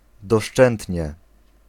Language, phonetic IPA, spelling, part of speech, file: Polish, [dɔˈʃt͡ʃɛ̃ntʲɲɛ], doszczętnie, adverb, Pl-doszczętnie.ogg